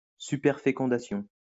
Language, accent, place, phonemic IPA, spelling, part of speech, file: French, France, Lyon, /sy.pɛʁ.fe.kɔ̃.da.sjɔ̃/, superfécondation, noun, LL-Q150 (fra)-superfécondation.wav
- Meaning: superfecundation